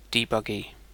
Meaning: A process or application being debugged
- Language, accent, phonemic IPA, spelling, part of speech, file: English, UK, /diːˌbʌˈɡi/, debuggee, noun, En-uk-debuggee.ogg